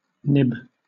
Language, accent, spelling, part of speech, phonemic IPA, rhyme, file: English, Southern England, nib, noun / verb, /nɪb/, -ɪb, LL-Q1860 (eng)-nib.wav
- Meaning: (noun) 1. The tip of a pen or tool that touches the surface, transferring ink to paper 2. A bird's beak